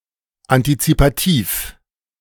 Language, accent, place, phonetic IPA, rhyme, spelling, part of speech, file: German, Germany, Berlin, [antit͡sipaˈtiːf], -iːf, antizipativ, adjective, De-antizipativ.ogg
- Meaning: anticipative